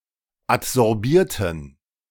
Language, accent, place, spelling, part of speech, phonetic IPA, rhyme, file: German, Germany, Berlin, adsorbierten, adjective / verb, [atzɔʁˈbiːɐ̯tn̩], -iːɐ̯tn̩, De-adsorbierten.ogg
- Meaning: inflection of adsorbieren: 1. first/third-person plural preterite 2. first/third-person plural subjunctive II